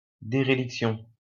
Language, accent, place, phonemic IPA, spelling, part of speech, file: French, France, Lyon, /de.ʁe.lik.sjɔ̃/, déréliction, noun, LL-Q150 (fra)-déréliction.wav
- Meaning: dereliction; feeling of solitude, loneliness